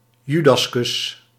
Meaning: Judas kiss (treacherous or ingenuine act done under the pretense of kindness)
- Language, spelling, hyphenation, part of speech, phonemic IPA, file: Dutch, judaskus, ju‧das‧kus, noun, /ˈjy.dɑsˌkʏs/, Nl-judaskus.ogg